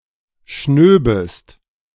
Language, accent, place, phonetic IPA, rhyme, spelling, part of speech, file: German, Germany, Berlin, [ˈʃnøːbəst], -øːbəst, schnöbest, verb, De-schnöbest.ogg
- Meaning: second-person singular subjunctive II of schnauben